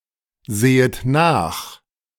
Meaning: second-person plural subjunctive I of nachsehen
- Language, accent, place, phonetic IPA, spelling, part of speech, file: German, Germany, Berlin, [ˌzeːət ˈnaːx], sehet nach, verb, De-sehet nach.ogg